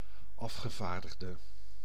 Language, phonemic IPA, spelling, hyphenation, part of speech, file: Dutch, /ˈɑf.xəˌvaːr.dəx.də/, afgevaardigde, af‧ge‧vaar‧dig‧de, noun, Nl-afgevaardigde.ogg
- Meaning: representative, delegate